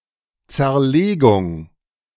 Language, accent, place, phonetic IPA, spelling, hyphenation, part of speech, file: German, Germany, Berlin, [t͡sɛɐ̯ˈleːɡʊŋ], Zerlegung, Zer‧le‧gung, noun, De-Zerlegung.ogg
- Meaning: 1. decomposition, separation, segmentation 2. partition 3. dismantling